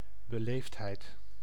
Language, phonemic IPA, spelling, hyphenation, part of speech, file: Dutch, /bəˈleːftˌɦɛi̯t/, beleefdheid, be‧leefd‧heid, noun, Nl-beleefdheid.ogg
- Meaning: politeness